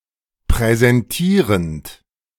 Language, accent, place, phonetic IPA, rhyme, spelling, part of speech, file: German, Germany, Berlin, [pʁɛzɛnˈtiːʁənt], -iːʁənt, präsentierend, verb, De-präsentierend.ogg
- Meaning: present participle of präsentieren